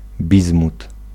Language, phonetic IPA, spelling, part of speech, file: Polish, [ˈbʲizmut], bizmut, noun, Pl-bizmut.ogg